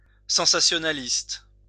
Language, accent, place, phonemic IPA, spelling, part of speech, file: French, France, Lyon, /sɑ̃.sa.sjɔ.na.list/, sensationnaliste, adjective, LL-Q150 (fra)-sensationnaliste.wav
- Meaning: sensationalist, attention-grabbing